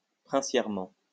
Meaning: princely
- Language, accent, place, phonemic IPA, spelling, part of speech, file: French, France, Lyon, /pʁɛ̃.sjɛʁ.mɑ̃/, princièrement, adverb, LL-Q150 (fra)-princièrement.wav